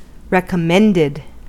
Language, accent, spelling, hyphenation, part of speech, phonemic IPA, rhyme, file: English, US, recommended, rec‧om‧mend‧ed, adjective / noun / verb, /ˌɹɛkəˈmɛndɪd/, -ɛndɪd, En-us-recommended.ogg
- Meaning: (adjective) That one recommends (often by a person, community, or authoritative body)